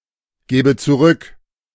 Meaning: first/third-person singular subjunctive II of zurückgeben
- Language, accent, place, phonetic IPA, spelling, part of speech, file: German, Germany, Berlin, [ˌɡɛːbə t͡suˈʁʏk], gäbe zurück, verb, De-gäbe zurück.ogg